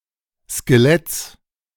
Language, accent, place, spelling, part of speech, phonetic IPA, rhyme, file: German, Germany, Berlin, Skeletts, noun, [skeˈlɛt͡s], -ɛt͡s, De-Skeletts.ogg
- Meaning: genitive singular of Skelett